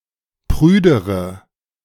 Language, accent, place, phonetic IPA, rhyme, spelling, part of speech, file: German, Germany, Berlin, [ˈpʁyːdəʁə], -yːdəʁə, prüdere, adjective, De-prüdere.ogg
- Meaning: inflection of prüde: 1. strong/mixed nominative/accusative feminine singular comparative degree 2. strong nominative/accusative plural comparative degree